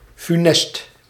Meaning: funest, disastrous, catastrophic, fatal
- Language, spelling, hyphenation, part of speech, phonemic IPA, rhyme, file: Dutch, funest, fu‧nest, adjective, /fyˈnɛst/, -ɛst, Nl-funest.ogg